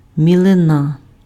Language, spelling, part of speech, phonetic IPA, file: Ukrainian, мілина, noun, [mʲiɫeˈna], Uk-мілина.ogg
- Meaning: shallow